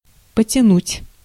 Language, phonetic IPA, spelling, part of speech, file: Russian, [pətʲɪˈnutʲ], потянуть, verb, Ru-потянуть.ogg
- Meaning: 1. to pull, to draw, to haul, to drag 2. to weigh